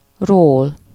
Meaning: 1. from 2. off 3. of, about, on
- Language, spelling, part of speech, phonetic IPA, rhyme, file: Hungarian, -ról, suffix, [roːl], -oːl, Hu--ról.ogg